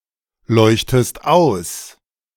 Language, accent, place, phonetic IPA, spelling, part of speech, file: German, Germany, Berlin, [ˌlɔɪ̯çtəst ˈaʊ̯s], leuchtest aus, verb, De-leuchtest aus.ogg
- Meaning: inflection of ausleuchten: 1. second-person singular present 2. second-person singular subjunctive I